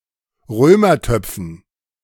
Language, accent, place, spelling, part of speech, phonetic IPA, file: German, Germany, Berlin, Römertöpfen, noun, [ˈʁøːmɐˌtœp͡fn̩], De-Römertöpfen.ogg
- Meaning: dative plural of Römertopf